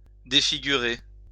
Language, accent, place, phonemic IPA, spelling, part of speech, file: French, France, Lyon, /de.fi.ɡy.ʁe/, défigurer, verb, LL-Q150 (fra)-défigurer.wav
- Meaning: to disfigure; to deform